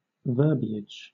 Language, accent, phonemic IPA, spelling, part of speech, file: English, Southern England, /ˈvɜː(ɹ).bi.ɪd͡ʒ/, verbiage, noun, LL-Q1860 (eng)-verbiage.wav
- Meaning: 1. Overabundance of words 2. The manner in which something is expressed in words; word choice